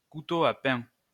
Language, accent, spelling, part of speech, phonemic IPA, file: French, France, couteau à pain, noun, /ku.to a pɛ̃/, LL-Q150 (fra)-couteau à pain.wav
- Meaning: bread knife